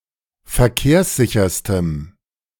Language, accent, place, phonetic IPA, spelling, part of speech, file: German, Germany, Berlin, [fɛɐ̯ˈkeːɐ̯sˌzɪçɐstəm], verkehrssicherstem, adjective, De-verkehrssicherstem.ogg
- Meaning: strong dative masculine/neuter singular superlative degree of verkehrssicher